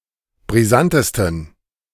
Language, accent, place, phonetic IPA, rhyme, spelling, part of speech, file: German, Germany, Berlin, [bʁiˈzantəstn̩], -antəstn̩, brisantesten, adjective, De-brisantesten.ogg
- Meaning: 1. superlative degree of brisant 2. inflection of brisant: strong genitive masculine/neuter singular superlative degree